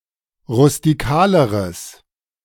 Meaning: strong/mixed nominative/accusative neuter singular comparative degree of rustikal
- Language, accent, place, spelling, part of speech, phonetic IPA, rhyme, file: German, Germany, Berlin, rustikaleres, adjective, [ʁʊstiˈkaːləʁəs], -aːləʁəs, De-rustikaleres.ogg